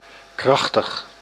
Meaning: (adjective) powerful, strong; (adverb) powerfully, forcefully, strongly
- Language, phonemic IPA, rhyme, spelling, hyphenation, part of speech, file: Dutch, /ˈkrɑx.təx/, -ɑxtəx, krachtig, krach‧tig, adjective / adverb, Nl-krachtig.ogg